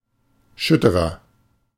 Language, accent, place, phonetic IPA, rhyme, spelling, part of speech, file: German, Germany, Berlin, [ˈʃʏtəʁɐ], -ʏtəʁɐ, schütterer, adjective, De-schütterer.ogg
- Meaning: 1. comparative degree of schütter 2. inflection of schütter: strong/mixed nominative masculine singular 3. inflection of schütter: strong genitive/dative feminine singular